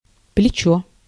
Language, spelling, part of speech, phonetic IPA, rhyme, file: Russian, плечо, noun, [plʲɪˈt͡ɕɵ], -ɵ, Ru-плечо.ogg
- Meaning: 1. shoulder 2. upper arm, brachium, humerus 3. arm (as in lever arm or moment arm) 4. leg (of a polyphase electrical system) 5. leg, haul, trip (a segment of a long-distance route) 6. limb (of a bow)